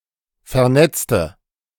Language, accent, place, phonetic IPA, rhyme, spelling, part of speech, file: German, Germany, Berlin, [fɛɐ̯ˈnɛt͡stə], -ɛt͡stə, vernetzte, adjective / verb, De-vernetzte.ogg
- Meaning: inflection of vernetzen: 1. first/third-person singular preterite 2. first/third-person singular subjunctive II